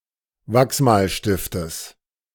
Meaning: genitive singular of Wachsmalstift
- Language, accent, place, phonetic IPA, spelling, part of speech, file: German, Germany, Berlin, [ˈvaksmaːlʃtɪftəs], Wachsmalstiftes, noun, De-Wachsmalstiftes.ogg